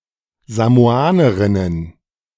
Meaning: plural of Samoanerin
- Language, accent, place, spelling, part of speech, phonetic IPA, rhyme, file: German, Germany, Berlin, Samoanerinnen, noun, [zamoˈaːnəʁɪnən], -aːnəʁɪnən, De-Samoanerinnen.ogg